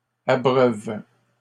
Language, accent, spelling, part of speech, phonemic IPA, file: French, Canada, abreuve, verb, /a.bʁœv/, LL-Q150 (fra)-abreuve.wav
- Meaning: inflection of abreuver: 1. first/third-person singular present indicative/subjunctive 2. second-person singular imperative